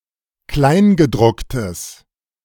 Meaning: fine print
- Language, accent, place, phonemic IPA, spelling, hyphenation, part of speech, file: German, Germany, Berlin, /ˈklaɪ̯nɡəˌdʁʊktəs/, Kleingedrucktes, Klein‧ge‧druck‧tes, noun, De-Kleingedrucktes.ogg